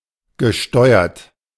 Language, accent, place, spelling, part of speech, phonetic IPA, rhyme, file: German, Germany, Berlin, gesteuert, adjective / verb, [ɡəˈʃtɔɪ̯ɐt], -ɔɪ̯ɐt, De-gesteuert.ogg
- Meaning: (verb) past participle of steuern; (adjective) controlled, steered, guided